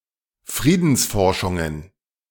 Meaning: plural of Friedensforschung
- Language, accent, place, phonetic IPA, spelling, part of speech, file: German, Germany, Berlin, [ˈfʁiːdn̩sˌfɔʁʃʊŋən], Friedensforschungen, noun, De-Friedensforschungen.ogg